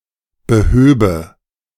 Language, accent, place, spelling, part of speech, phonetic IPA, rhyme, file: German, Germany, Berlin, behöbe, verb, [bəˈhøːbə], -øːbə, De-behöbe.ogg
- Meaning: first/third-person singular subjunctive II of beheben